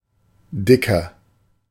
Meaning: 1. comparative degree of dick 2. inflection of dick: strong/mixed nominative masculine singular 3. inflection of dick: strong genitive/dative feminine singular
- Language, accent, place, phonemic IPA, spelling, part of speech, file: German, Germany, Berlin, /ˈdɪkɐ/, dicker, adjective, De-dicker.ogg